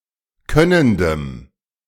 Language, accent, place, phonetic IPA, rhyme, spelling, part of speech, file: German, Germany, Berlin, [ˈkœnəndəm], -œnəndəm, könnendem, adjective, De-könnendem.ogg
- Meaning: strong dative masculine/neuter singular of könnend